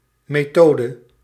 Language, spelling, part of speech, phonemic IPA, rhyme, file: Dutch, methode, noun, /meːˈtoː.də/, -oːdə, Nl-methode.ogg
- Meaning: method